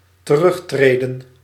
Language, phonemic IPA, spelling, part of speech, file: Dutch, /t(ə)ˈrʏxtredə(n)/, terugtreden, verb, Nl-terugtreden.ogg
- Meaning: to withdraw